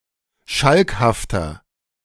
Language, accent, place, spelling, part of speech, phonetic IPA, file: German, Germany, Berlin, schalkhafter, adjective, [ˈʃalkhaftɐ], De-schalkhafter.ogg
- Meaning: 1. comparative degree of schalkhaft 2. inflection of schalkhaft: strong/mixed nominative masculine singular 3. inflection of schalkhaft: strong genitive/dative feminine singular